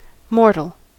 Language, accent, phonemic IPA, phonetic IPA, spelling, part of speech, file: English, US, /ˈmɔɹ.təl/, [ˈmɔɹ.ɾɫ̩], mortal, adjective / noun / adverb, En-us-mortal.ogg
- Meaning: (adjective) 1. Susceptible to death by aging, sickness, injury, or wound; not immortal 2. Causing death; deadly, fatal, killing, lethal (now only of wounds, injuries etc.) 3. Punishable by death